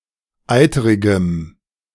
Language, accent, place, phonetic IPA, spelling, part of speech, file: German, Germany, Berlin, [ˈaɪ̯təʁɪɡəm], eiterigem, adjective, De-eiterigem.ogg
- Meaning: strong dative masculine/neuter singular of eiterig